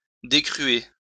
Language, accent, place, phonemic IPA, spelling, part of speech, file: French, France, Lyon, /de.kʁy.e/, décruer, verb, LL-Q150 (fra)-décruer.wav
- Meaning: "(dy.) to scour"